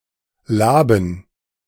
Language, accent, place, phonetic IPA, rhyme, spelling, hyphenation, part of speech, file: German, Germany, Berlin, [ˈlaːbn̩], -aːbn̩, Laben, La‧ben, noun, De-Laben.ogg
- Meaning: dative plural of Lab